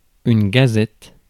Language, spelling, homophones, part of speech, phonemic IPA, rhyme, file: French, gazette, gazettes, noun, /ɡa.zɛt/, -ɛt, Fr-gazette.ogg
- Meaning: gazette